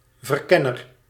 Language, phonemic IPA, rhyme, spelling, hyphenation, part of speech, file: Dutch, /vərˈkɛ.nər/, -ɛnər, verkenner, ver‧ken‧ner, noun, Nl-verkenner.ogg
- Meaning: 1. a scout (one who does reconnaissance) 2. a boy scout of high-school age